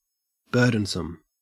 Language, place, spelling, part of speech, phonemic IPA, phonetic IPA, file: English, Queensland, burdensome, adjective, /ˈbɜː.dən.səm/, [ˈbɜː.ɾən.səm], En-au-burdensome.ogg
- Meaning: Characteristic of a burden; arduous or demanding